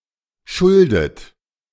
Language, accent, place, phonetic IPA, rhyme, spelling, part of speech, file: German, Germany, Berlin, [ˈʃʊldət], -ʊldət, schuldet, verb, De-schuldet.ogg
- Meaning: inflection of schulden: 1. third-person singular present 2. second-person plural present 3. second-person plural subjunctive I 4. plural imperative